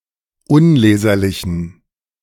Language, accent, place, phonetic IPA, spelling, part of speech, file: German, Germany, Berlin, [ˈʊnˌleːzɐlɪçn̩], unleserlichen, adjective, De-unleserlichen.ogg
- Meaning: inflection of unleserlich: 1. strong genitive masculine/neuter singular 2. weak/mixed genitive/dative all-gender singular 3. strong/weak/mixed accusative masculine singular 4. strong dative plural